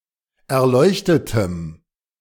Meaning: strong dative masculine/neuter singular of erleuchtet
- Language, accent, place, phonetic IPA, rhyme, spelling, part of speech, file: German, Germany, Berlin, [ɛɐ̯ˈlɔɪ̯çtətəm], -ɔɪ̯çtətəm, erleuchtetem, adjective, De-erleuchtetem.ogg